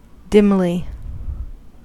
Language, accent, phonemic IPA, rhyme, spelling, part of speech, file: English, US, /ˈdɪmli/, -ɪmli, dimly, adverb, En-us-dimly.ogg
- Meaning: In a dim manner; not clearly